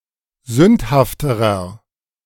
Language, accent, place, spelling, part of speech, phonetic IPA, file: German, Germany, Berlin, sündhafterer, adjective, [ˈzʏnthaftəʁɐ], De-sündhafterer.ogg
- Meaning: inflection of sündhaft: 1. strong/mixed nominative masculine singular comparative degree 2. strong genitive/dative feminine singular comparative degree 3. strong genitive plural comparative degree